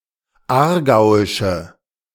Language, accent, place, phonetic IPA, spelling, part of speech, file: German, Germany, Berlin, [ˈaːɐ̯ˌɡaʊ̯ɪʃə], aargauische, adjective, De-aargauische.ogg
- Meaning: inflection of aargauisch: 1. strong/mixed nominative/accusative feminine singular 2. strong nominative/accusative plural 3. weak nominative all-gender singular